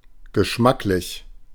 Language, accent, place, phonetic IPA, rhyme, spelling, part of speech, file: German, Germany, Berlin, [ɡəˈʃmaklɪç], -aklɪç, geschmacklich, adjective, De-geschmacklich.ogg
- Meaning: tasty, flavoursome